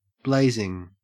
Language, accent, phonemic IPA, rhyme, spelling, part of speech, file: English, Australia, /ˈbleɪzɪŋ/, -eɪzɪŋ, blazing, verb / adjective / noun, En-au-blazing.ogg
- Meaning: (verb) present participle and gerund of blaze; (adjective) 1. Very fast 2. Sexually attractive 3. Of tremendous intensity, heat (thermal energy) or fervor; white-hot 4. Exceedingly angry